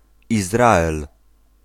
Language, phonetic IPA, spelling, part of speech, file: Polish, [izˈraɛl], Izrael, proper noun, Pl-Izrael.ogg